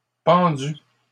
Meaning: feminine singular of pendu
- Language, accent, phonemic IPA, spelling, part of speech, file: French, Canada, /pɑ̃.dy/, pendue, verb, LL-Q150 (fra)-pendue.wav